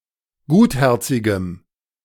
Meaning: strong dative masculine/neuter singular of gutherzig
- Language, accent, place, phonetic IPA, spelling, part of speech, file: German, Germany, Berlin, [ˈɡuːtˌhɛʁt͡sɪɡəm], gutherzigem, adjective, De-gutherzigem.ogg